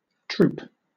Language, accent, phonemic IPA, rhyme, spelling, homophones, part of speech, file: English, Southern England, /tɹuːp/, -uːp, troupe, troop, noun / verb, LL-Q1860 (eng)-troupe.wav
- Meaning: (noun) 1. A company of, often touring, acrobats, actors, singers or dancers 2. Any group of people working together on a shared activity; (verb) To tour with a troupe